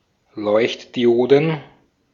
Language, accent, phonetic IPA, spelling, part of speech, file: German, Austria, [ˈlɔɪ̯çtdiˌʔoːdn̩], Leuchtdioden, noun, De-at-Leuchtdioden.ogg
- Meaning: plural of Leuchtdiode